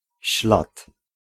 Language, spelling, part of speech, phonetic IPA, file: Polish, ślad, noun, [ɕlat], Pl-ślad.ogg